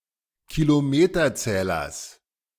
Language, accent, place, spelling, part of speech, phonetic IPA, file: German, Germany, Berlin, Kilometerzählers, noun, [kiloˈmeːtɐˌt͡sɛːlɐs], De-Kilometerzählers.ogg
- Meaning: genitive singular of Kilometerzähler